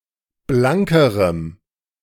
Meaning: strong dative masculine/neuter singular comparative degree of blank
- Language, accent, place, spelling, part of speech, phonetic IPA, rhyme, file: German, Germany, Berlin, blankerem, adjective, [ˈblaŋkəʁəm], -aŋkəʁəm, De-blankerem.ogg